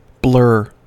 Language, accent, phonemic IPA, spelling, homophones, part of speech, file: English, US, /blɝ/, blur, blare, verb / noun / adjective, En-us-blur.ogg
- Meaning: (verb) 1. To make indistinct or hazy, to obscure or dim 2. To smear, stain or smudge 3. To become indistinct 4. To cause imperfection of vision in; to dim; to darken